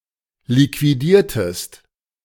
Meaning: inflection of liquidieren: 1. second-person singular preterite 2. second-person singular subjunctive II
- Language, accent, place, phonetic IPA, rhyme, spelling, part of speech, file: German, Germany, Berlin, [likviˈdiːɐ̯təst], -iːɐ̯təst, liquidiertest, verb, De-liquidiertest.ogg